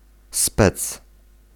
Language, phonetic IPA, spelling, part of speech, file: Polish, [spɛt͡s], spec, noun, Pl-spec.ogg